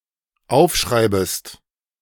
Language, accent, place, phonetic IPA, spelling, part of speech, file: German, Germany, Berlin, [ˈaʊ̯fˌʃʁaɪ̯bəst], aufschreibest, verb, De-aufschreibest.ogg
- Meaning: second-person singular dependent subjunctive I of aufschreiben